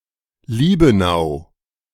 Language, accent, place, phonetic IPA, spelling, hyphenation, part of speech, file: German, Germany, Berlin, [ˈliːbənaʊ̯], Liebenau, Lie‧be‧n‧au, proper noun, De-Liebenau.ogg
- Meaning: 1. a municipality of Upper Austria, Austria 2. a municipality of Hesse, Germany 3. a municipality of Lower Saxony, Germany